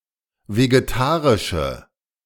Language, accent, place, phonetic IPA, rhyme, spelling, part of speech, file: German, Germany, Berlin, [veɡeˈtaːʁɪʃə], -aːʁɪʃə, vegetarische, adjective, De-vegetarische.ogg
- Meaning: inflection of vegetarisch: 1. strong/mixed nominative/accusative feminine singular 2. strong nominative/accusative plural 3. weak nominative all-gender singular